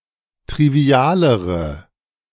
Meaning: inflection of trivial: 1. strong/mixed nominative/accusative feminine singular comparative degree 2. strong nominative/accusative plural comparative degree
- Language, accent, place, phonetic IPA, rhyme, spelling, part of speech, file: German, Germany, Berlin, [tʁiˈvi̯aːləʁə], -aːləʁə, trivialere, adjective, De-trivialere.ogg